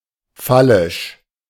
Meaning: phallic
- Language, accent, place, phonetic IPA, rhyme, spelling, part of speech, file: German, Germany, Berlin, [ˈfalɪʃ], -alɪʃ, phallisch, adjective, De-phallisch.ogg